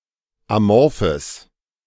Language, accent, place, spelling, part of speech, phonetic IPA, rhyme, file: German, Germany, Berlin, amorphes, adjective, [aˈmɔʁfəs], -ɔʁfəs, De-amorphes.ogg
- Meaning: strong/mixed nominative/accusative neuter singular of amorph